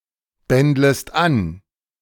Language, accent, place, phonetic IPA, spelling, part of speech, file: German, Germany, Berlin, [ˌbɛndləst ˈan], bändlest an, verb, De-bändlest an.ogg
- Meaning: second-person singular subjunctive I of anbändeln